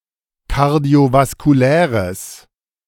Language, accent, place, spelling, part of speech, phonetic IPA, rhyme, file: German, Germany, Berlin, kardiovaskuläres, adjective, [kaʁdi̯ovaskuˈlɛːʁəs], -ɛːʁəs, De-kardiovaskuläres.ogg
- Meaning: strong/mixed nominative/accusative neuter singular of kardiovaskulär